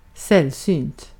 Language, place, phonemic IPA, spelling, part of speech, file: Swedish, Gotland, /²sɛlˌsyːnt/, sällsynt, adjective, Sv-sällsynt.ogg
- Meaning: scarce, rare, uncommon